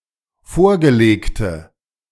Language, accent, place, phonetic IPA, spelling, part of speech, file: German, Germany, Berlin, [ˈfoːɐ̯ɡəˌleːktə], vorgelegte, adjective, De-vorgelegte.ogg
- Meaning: inflection of vorgelegt: 1. strong/mixed nominative/accusative feminine singular 2. strong nominative/accusative plural 3. weak nominative all-gender singular